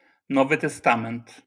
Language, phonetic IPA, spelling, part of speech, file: Polish, [ˈnɔvɨ tɛˈstãmɛ̃nt], Nowy Testament, proper noun, LL-Q809 (pol)-Nowy Testament.wav